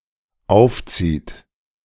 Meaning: inflection of aufziehen: 1. third-person singular dependent present 2. second-person plural dependent present
- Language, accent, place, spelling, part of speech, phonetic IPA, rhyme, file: German, Germany, Berlin, aufzieht, verb, [ˈaʊ̯fˌt͡siːt], -aʊ̯ft͡siːt, De-aufzieht.ogg